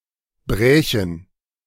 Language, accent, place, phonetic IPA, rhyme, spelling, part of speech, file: German, Germany, Berlin, [ˈbʁɛːçn̩], -ɛːçn̩, brächen, verb, De-brächen.ogg
- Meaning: first/third-person plural subjunctive II of brechen